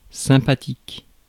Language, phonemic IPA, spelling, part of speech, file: French, /sɛ̃.pa.tik/, sympathique, adjective, Fr-sympathique.ogg
- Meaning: nice, kind, friendly, likeable